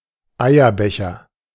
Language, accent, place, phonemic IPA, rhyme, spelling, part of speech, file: German, Germany, Berlin, /ˈajɐˌbɛçɐ/, -ɛçɐ, Eierbecher, noun, De-Eierbecher.ogg
- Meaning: 1. egg cup, eggcup 2. jockstrap